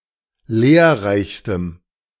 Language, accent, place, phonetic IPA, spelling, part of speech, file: German, Germany, Berlin, [ˈleːɐ̯ˌʁaɪ̯çstəm], lehrreichstem, adjective, De-lehrreichstem.ogg
- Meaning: strong dative masculine/neuter singular superlative degree of lehrreich